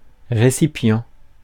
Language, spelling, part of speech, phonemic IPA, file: French, récipient, noun, /ʁe.si.pjɑ̃/, Fr-récipient.ogg
- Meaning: container, vessel, recipient